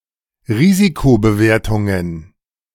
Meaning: plural of Risikobewertung
- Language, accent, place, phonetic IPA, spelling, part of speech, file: German, Germany, Berlin, [ˈʁiːzikobəˌveːɐ̯tʊŋən], Risikobewertungen, noun, De-Risikobewertungen.ogg